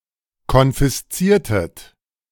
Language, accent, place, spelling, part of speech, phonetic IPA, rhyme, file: German, Germany, Berlin, konfisziertet, verb, [kɔnfɪsˈt͡siːɐ̯tət], -iːɐ̯tət, De-konfisziertet.ogg
- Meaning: inflection of konfiszieren: 1. second-person plural preterite 2. second-person plural subjunctive II